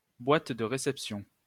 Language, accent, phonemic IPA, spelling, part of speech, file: French, France, /bwat də ʁe.sɛp.sjɔ̃/, boîte de réception, noun, LL-Q150 (fra)-boîte de réception.wav
- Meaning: inbox